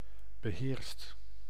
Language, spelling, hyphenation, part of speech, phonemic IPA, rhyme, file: Dutch, beheerst, be‧heerst, adjective / verb, /bəˈɦeːrst/, -eːrst, Nl-beheerst.ogg
- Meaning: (adjective) restrained; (verb) 1. inflection of beheersen: second/third-person singular present indicative 2. inflection of beheersen: plural imperative 3. past participle of beheersen